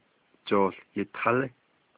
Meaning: football (game or ball)
- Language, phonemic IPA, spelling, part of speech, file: Navajo, /t͡ʃòːɬ jɪ̀tʰɑ̀lɪ́/, jooł yitalí, noun, Nv-jooł yitalí.ogg